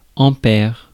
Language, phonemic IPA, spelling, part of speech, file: French, /ɑ̃.pɛʁ/, ampère, noun, Fr-ampère.ogg
- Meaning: ampere